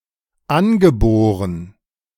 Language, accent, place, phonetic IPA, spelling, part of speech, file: German, Germany, Berlin, [ˈanɡəˌboːʁən], angeboren, adjective, De-angeboren.ogg
- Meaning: 1. inherent 2. innate, inborn, congenital 3. native